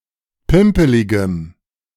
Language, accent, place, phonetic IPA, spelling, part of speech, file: German, Germany, Berlin, [ˈpɪmpəlɪɡəm], pimpeligem, adjective, De-pimpeligem.ogg
- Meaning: strong dative masculine/neuter singular of pimpelig